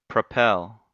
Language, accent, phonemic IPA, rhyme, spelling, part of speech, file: English, US, /pɹəˈpɛl/, -ɛl, propel, verb, En-us-propel.ogg
- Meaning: To provide an impetus for motion or physical action; to cause to move in a certain direction; to drive or push forward